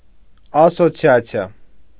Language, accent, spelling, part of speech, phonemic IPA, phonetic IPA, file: Armenian, Eastern Armenian, ասոցիացիա, noun, /ɑsot͡sʰjɑt͡sʰiˈɑ/, [ɑsot͡sʰjɑt͡sʰjɑ́], Hy-ասոցիացիա.ogg
- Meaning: association (group of persons associated for a common purpose)